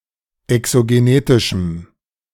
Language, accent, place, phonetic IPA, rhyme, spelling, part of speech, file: German, Germany, Berlin, [ɛksoɡeˈneːtɪʃm̩], -eːtɪʃm̩, exogenetischem, adjective, De-exogenetischem.ogg
- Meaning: strong dative masculine/neuter singular of exogenetisch